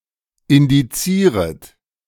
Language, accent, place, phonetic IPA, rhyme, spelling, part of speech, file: German, Germany, Berlin, [ɪndiˈt͡siːʁət], -iːʁət, indizieret, verb, De-indizieret.ogg
- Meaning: second-person plural subjunctive I of indizieren